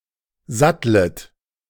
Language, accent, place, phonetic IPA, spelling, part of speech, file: German, Germany, Berlin, [ˈzatlət], sattlet, verb, De-sattlet.ogg
- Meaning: second-person plural subjunctive I of satteln